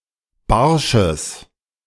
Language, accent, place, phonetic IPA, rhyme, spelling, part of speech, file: German, Germany, Berlin, [ˈbaʁʃəs], -aʁʃəs, barsches, adjective, De-barsches.ogg
- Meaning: strong/mixed nominative/accusative neuter singular of barsch